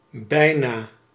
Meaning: 1. almost 2. soon
- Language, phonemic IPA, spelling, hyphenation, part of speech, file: Dutch, /ˈbɛi̯.naː/, bijna, bij‧na, adverb, Nl-bijna.ogg